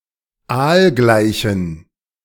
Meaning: inflection of aalgleich: 1. strong genitive masculine/neuter singular 2. weak/mixed genitive/dative all-gender singular 3. strong/weak/mixed accusative masculine singular 4. strong dative plural
- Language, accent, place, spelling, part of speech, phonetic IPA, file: German, Germany, Berlin, aalgleichen, adjective, [ˈaːlˌɡlaɪ̯çn̩], De-aalgleichen.ogg